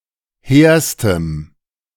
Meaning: strong dative masculine/neuter singular superlative degree of hehr
- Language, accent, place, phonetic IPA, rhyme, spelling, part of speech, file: German, Germany, Berlin, [ˈheːɐ̯stəm], -eːɐ̯stəm, hehrstem, adjective, De-hehrstem.ogg